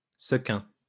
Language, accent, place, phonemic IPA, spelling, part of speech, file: French, France, Lyon, /sə.kɛ̃/, sequin, noun, LL-Q150 (fra)-sequin.wav
- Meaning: 1. zecchin, sequin 2. sequin